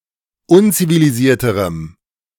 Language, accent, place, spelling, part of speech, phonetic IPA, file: German, Germany, Berlin, unzivilisierterem, adjective, [ˈʊnt͡siviliˌziːɐ̯təʁəm], De-unzivilisierterem.ogg
- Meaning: strong dative masculine/neuter singular comparative degree of unzivilisiert